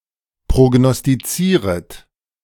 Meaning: second-person plural subjunctive I of prognostizieren
- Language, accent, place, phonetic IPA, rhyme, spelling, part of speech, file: German, Germany, Berlin, [pʁoɡnɔstiˈt͡siːʁət], -iːʁət, prognostizieret, verb, De-prognostizieret.ogg